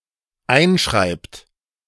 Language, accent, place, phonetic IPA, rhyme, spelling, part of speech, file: German, Germany, Berlin, [ˈaɪ̯nˌʃʁaɪ̯pt], -aɪ̯nʃʁaɪ̯pt, einschreibt, verb, De-einschreibt.ogg
- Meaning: inflection of einschreiben: 1. third-person singular dependent present 2. second-person plural dependent present